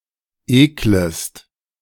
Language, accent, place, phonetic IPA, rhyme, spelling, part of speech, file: German, Germany, Berlin, [ˈeːkləst], -eːkləst, eklest, verb, De-eklest.ogg
- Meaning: second-person singular subjunctive I of ekeln